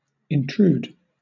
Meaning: 1. To thrust oneself in; to come or enter without invitation, permission, or welcome; to encroach; to trespass 2. To force in
- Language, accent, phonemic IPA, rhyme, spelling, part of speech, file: English, Southern England, /ɪnˈtɹuːd/, -uːd, intrude, verb, LL-Q1860 (eng)-intrude.wav